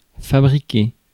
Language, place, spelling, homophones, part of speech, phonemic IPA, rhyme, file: French, Paris, fabriquer, fabriquai / fabriqué / fabriquée / fabriquées / fabriqués / fabriquez, verb, /fa.bʁi.ke/, -e, Fr-fabriquer.ogg
- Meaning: 1. to make; to build; to manufacture 2. to fabricate 3. to be up to